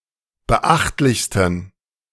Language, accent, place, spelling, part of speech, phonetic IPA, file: German, Germany, Berlin, beachtlichsten, adjective, [bəˈʔaxtlɪçstn̩], De-beachtlichsten.ogg
- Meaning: 1. superlative degree of beachtlich 2. inflection of beachtlich: strong genitive masculine/neuter singular superlative degree